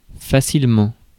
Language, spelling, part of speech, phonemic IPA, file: French, facilement, adverb, /fa.sil.mɑ̃/, Fr-facilement.ogg
- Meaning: easily